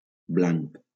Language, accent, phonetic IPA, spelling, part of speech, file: Catalan, Valencia, [ˈblaŋk], blanc, adjective / noun, LL-Q7026 (cat)-blanc.wav
- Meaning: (adjective) white; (noun) 1. target (for shooting practice) 2. blank (empty space)